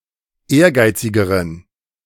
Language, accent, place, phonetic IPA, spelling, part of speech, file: German, Germany, Berlin, [ˈeːɐ̯ˌɡaɪ̯t͡sɪɡəʁən], ehrgeizigeren, adjective, De-ehrgeizigeren.ogg
- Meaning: inflection of ehrgeizig: 1. strong genitive masculine/neuter singular comparative degree 2. weak/mixed genitive/dative all-gender singular comparative degree